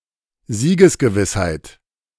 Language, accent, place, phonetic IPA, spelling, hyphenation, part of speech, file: German, Germany, Berlin, [ˈziːɡəsɡəˌvɪshaɪ̯t], Siegesgewissheit, Sie‧ges‧ge‧wiss‧heit, noun, De-Siegesgewissheit.ogg
- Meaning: certainty of victory